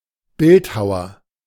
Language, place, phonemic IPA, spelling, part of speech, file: German, Berlin, /ˈbɪltˌhaʊɐ/, Bildhauer, noun, De-Bildhauer.ogg
- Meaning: 1. sculptor (male or of unspecified gender) (occupation) 2. Sculptor (constellation)